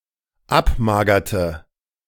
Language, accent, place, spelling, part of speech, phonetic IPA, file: German, Germany, Berlin, abmagerte, verb, [ˈapˌmaːɡɐtə], De-abmagerte.ogg
- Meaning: inflection of abmagern: 1. first/third-person singular dependent preterite 2. first/third-person singular dependent subjunctive II